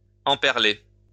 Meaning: to impearl (decorate with pearls)
- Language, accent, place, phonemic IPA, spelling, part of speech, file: French, France, Lyon, /ɑ̃.pɛʁ.le/, emperler, verb, LL-Q150 (fra)-emperler.wav